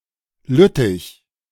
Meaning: 1. Liège (a city in Belgium) 2. Liège (a province of Belgium)
- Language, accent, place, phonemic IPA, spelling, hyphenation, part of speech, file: German, Germany, Berlin, /ˈlʏtɪç/, Lüttich, Lüt‧tich, proper noun, De-Lüttich.ogg